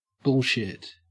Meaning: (noun) 1. Feces produced by a bull 2. Any assertions or information that are either false or misleading.: Statements that are false or exaggerated to impress or cheat the listener
- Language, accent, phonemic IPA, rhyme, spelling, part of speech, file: English, Australia, /ˈbʊɫʃɪt/, -ɪt, bullshit, noun / adjective / verb / interjection, En-au-bullshit.ogg